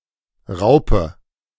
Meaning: 1. caterpillar (larva) 2. ellipsis of Planierraupe (“caterpillar or caterpillar tractor”)
- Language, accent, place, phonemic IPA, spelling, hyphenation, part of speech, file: German, Germany, Berlin, /ˈʁaʊ̯pə/, Raupe, Rau‧pe, noun, De-Raupe.ogg